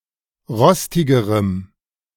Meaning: strong dative masculine/neuter singular comparative degree of rostig
- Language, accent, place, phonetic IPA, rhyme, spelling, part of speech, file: German, Germany, Berlin, [ˈʁɔstɪɡəʁəm], -ɔstɪɡəʁəm, rostigerem, adjective, De-rostigerem.ogg